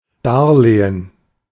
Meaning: loan
- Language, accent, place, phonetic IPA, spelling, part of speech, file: German, Germany, Berlin, [ˈdaʁˌleːən], Darlehen, noun, De-Darlehen.ogg